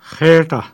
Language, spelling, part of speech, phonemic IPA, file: Pashto, خېټه, noun, /ˈxe.ʈa/, خېټه.ogg
- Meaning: stomach, belly